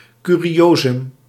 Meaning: a curiosity, a curio, a curiosum
- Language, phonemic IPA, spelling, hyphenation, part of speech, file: Dutch, /ˌkyː.riˈoː.zʏm/, curiosum, cu‧ri‧o‧sum, noun, Nl-curiosum.ogg